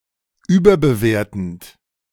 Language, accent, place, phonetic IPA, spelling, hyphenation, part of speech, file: German, Germany, Berlin, [ˈyːbɐbəˌveːɐ̯tn̩t], überbewertend, über‧be‧wer‧tend, verb, De-überbewertend.ogg
- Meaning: present participle of überbewerten